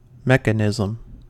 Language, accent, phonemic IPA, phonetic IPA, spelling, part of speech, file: English, US, /ˈmɛk.ə.nɪ.zəm/, [ˈmɛk.ə.nɪ.zm̩], mechanism, noun, En-us-mechanism.ogg
- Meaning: 1. Any mechanical means for the conversion or control of motion, or the transmission or control of power 2. Any combination of cams, gears, links, belts, chains and logical mechanical elements